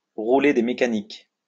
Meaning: to swagger, to strut about, to flex one's muscles
- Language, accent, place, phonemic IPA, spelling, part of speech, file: French, France, Lyon, /ʁu.le de me.ka.nik/, rouler des mécaniques, verb, LL-Q150 (fra)-rouler des mécaniques.wav